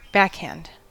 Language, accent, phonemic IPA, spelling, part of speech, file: English, US, /ˈbækhænd/, backhand, noun / verb / adjective, En-us-backhand.ogg
- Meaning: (noun) 1. A stroke made across the chest from the off-hand side to the racquet hand side; a stroke during which the back of the hand faces the shot 2. Handwriting that leans to the left